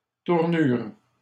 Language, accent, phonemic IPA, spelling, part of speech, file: French, Canada, /tuʁ.nyʁ/, tournures, noun, LL-Q150 (fra)-tournures.wav
- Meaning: plural of tournure